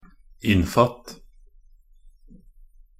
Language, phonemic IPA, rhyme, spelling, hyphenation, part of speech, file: Norwegian Bokmål, /ˈɪnːfat/, -at, innfatt, inn‧fatt, verb, Nb-innfatt.ogg
- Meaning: imperative of innfatte